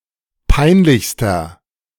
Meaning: inflection of peinlich: 1. strong/mixed nominative masculine singular superlative degree 2. strong genitive/dative feminine singular superlative degree 3. strong genitive plural superlative degree
- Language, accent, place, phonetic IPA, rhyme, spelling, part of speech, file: German, Germany, Berlin, [ˈpaɪ̯nˌlɪçstɐ], -aɪ̯nlɪçstɐ, peinlichster, adjective, De-peinlichster.ogg